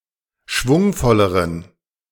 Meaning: inflection of schwungvoll: 1. strong genitive masculine/neuter singular comparative degree 2. weak/mixed genitive/dative all-gender singular comparative degree
- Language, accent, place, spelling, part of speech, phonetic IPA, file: German, Germany, Berlin, schwungvolleren, adjective, [ˈʃvʊŋfɔləʁən], De-schwungvolleren.ogg